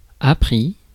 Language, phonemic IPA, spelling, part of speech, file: French, /a.pʁi/, appris, verb / adjective, Fr-appris.ogg
- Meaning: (verb) 1. past participle of apprendre 2. masculine plural of appri; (adjective) learnt